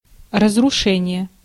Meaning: destruction, demolition, devastation (the act of destroying)
- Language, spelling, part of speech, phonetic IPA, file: Russian, разрушение, noun, [rəzrʊˈʂɛnʲɪje], Ru-разрушение.ogg